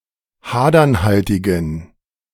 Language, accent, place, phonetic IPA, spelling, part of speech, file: German, Germany, Berlin, [ˈhaːdɐnˌhaltɪɡn̩], hadernhaltigen, adjective, De-hadernhaltigen.ogg
- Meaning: inflection of hadernhaltig: 1. strong genitive masculine/neuter singular 2. weak/mixed genitive/dative all-gender singular 3. strong/weak/mixed accusative masculine singular 4. strong dative plural